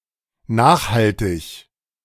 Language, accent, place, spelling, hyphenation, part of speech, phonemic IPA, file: German, Germany, Berlin, nachhaltig, nach‧hal‧tig, adjective, /ˈnaːxhaltɪɡ/, De-nachhaltig.ogg
- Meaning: long-term, sustainable, permanent, ongoing, lasting